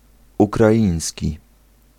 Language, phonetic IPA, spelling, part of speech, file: Polish, [ˌukraˈʲĩj̃sʲci], ukraiński, adjective / noun, Pl-ukraiński.ogg